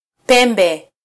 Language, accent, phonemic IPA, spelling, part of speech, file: Swahili, Kenya, /ˈpɛ.ᵐbɛ/, pembe, noun, Sw-ke-pembe.flac
- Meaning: 1. horn (growth on the heads of certain animals) 2. tusk 3. horn (instrument) 4. wing (side of a building or army) 5. angle, corner